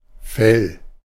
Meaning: 1. fur, coat, pelt (hairy skin of an animal) 2. hide (the detached, tanned skin of an animal)
- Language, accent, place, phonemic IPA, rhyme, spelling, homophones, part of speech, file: German, Germany, Berlin, /fɛl/, -ɛl, Fell, fäll, noun, De-Fell.ogg